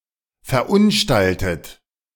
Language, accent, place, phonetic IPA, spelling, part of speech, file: German, Germany, Berlin, [fɛɐ̯ˈʔʊnˌʃtaltət], verunstaltet, verb, De-verunstaltet.ogg
- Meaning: 1. past participle of verunstalten 2. inflection of verunstalten: second-person plural present 3. inflection of verunstalten: third-person singular present